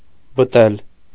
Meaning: to feed (an animal)
- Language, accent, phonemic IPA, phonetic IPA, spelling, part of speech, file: Armenian, Eastern Armenian, /bəˈtel/, [bətél], բտել, verb, Hy-բտել.ogg